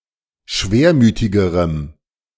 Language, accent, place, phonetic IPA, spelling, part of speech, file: German, Germany, Berlin, [ˈʃveːɐ̯ˌmyːtɪɡəʁəm], schwermütigerem, adjective, De-schwermütigerem.ogg
- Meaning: strong dative masculine/neuter singular comparative degree of schwermütig